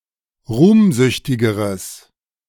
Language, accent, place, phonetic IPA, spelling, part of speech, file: German, Germany, Berlin, [ˈʁuːmˌzʏçtɪɡəʁəs], ruhmsüchtigeres, adjective, De-ruhmsüchtigeres.ogg
- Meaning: strong/mixed nominative/accusative neuter singular comparative degree of ruhmsüchtig